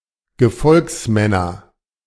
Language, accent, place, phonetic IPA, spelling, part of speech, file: German, Germany, Berlin, [ɡəˈfɔlksˌmɛnɐ], Gefolgsmänner, noun, De-Gefolgsmänner.ogg
- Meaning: nominative/accusative/genitive plural of Gefolgsmann